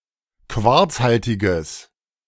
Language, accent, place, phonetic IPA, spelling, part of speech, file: German, Germany, Berlin, [ˈkvaʁt͡sˌhaltɪɡəs], quarzhaltiges, adjective, De-quarzhaltiges.ogg
- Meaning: strong/mixed nominative/accusative neuter singular of quarzhaltig